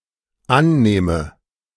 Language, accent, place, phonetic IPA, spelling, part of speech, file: German, Germany, Berlin, [ˈanˌneːmə], annehme, verb, De-annehme.ogg
- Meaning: inflection of annehmen: 1. first-person singular dependent present 2. first/third-person singular dependent subjunctive I